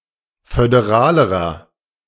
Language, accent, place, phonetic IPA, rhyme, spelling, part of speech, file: German, Germany, Berlin, [fødeˈʁaːləʁɐ], -aːləʁɐ, föderalerer, adjective, De-föderalerer.ogg
- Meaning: inflection of föderal: 1. strong/mixed nominative masculine singular comparative degree 2. strong genitive/dative feminine singular comparative degree 3. strong genitive plural comparative degree